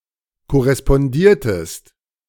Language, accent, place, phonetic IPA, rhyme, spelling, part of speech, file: German, Germany, Berlin, [kɔʁɛspɔnˈdiːɐ̯təst], -iːɐ̯təst, korrespondiertest, verb, De-korrespondiertest.ogg
- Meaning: inflection of korrespondieren: 1. second-person singular preterite 2. second-person singular subjunctive II